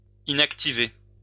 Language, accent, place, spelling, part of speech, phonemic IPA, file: French, France, Lyon, inactiver, verb, /i.nak.ti.ve/, LL-Q150 (fra)-inactiver.wav
- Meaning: to inactivate, deactivate